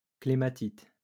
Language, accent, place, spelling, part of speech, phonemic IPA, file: French, France, Lyon, clématite, noun, /kle.ma.tit/, LL-Q150 (fra)-clématite.wav
- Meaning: clematis